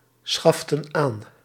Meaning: inflection of aanschaffen: 1. plural past indicative 2. plural past subjunctive
- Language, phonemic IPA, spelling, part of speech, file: Dutch, /ˈsxɑftə(n) ˈan/, schaften aan, verb, Nl-schaften aan.ogg